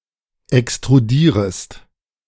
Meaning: second-person singular subjunctive I of extrudieren
- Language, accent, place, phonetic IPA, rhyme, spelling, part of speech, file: German, Germany, Berlin, [ɛkstʁuˈdiːʁəst], -iːʁəst, extrudierest, verb, De-extrudierest.ogg